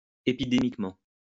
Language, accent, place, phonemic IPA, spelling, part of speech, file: French, France, Lyon, /e.pi.de.mik.mɑ̃/, épidémiquement, adverb, LL-Q150 (fra)-épidémiquement.wav
- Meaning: epidemically